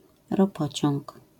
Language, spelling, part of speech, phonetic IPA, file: Polish, ropociąg, noun, [rɔˈpɔt͡ɕɔ̃ŋk], LL-Q809 (pol)-ropociąg.wav